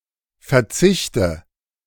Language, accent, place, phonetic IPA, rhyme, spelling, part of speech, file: German, Germany, Berlin, [fɛɐ̯ˈt͡sɪçtə], -ɪçtə, verzichte, verb, De-verzichte.ogg
- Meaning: inflection of verzichten: 1. first-person singular present 2. first/third-person singular subjunctive I 3. singular imperative